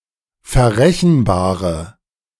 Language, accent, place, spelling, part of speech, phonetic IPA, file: German, Germany, Berlin, verrechenbare, adjective, [fɛɐ̯ˈʁɛçn̩ˌbaːʁə], De-verrechenbare.ogg
- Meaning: inflection of verrechenbar: 1. strong/mixed nominative/accusative feminine singular 2. strong nominative/accusative plural 3. weak nominative all-gender singular